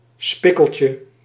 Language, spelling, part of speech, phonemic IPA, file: Dutch, spikkeltje, noun, /ˈspɪkəlcə/, Nl-spikkeltje.ogg
- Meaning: 1. diminutive of spikkel 2. sprinkle